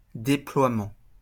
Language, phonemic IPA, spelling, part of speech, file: French, /de.plwa.mɑ̃/, déploiement, noun, LL-Q150 (fra)-déploiement.wav
- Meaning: deployment, deploying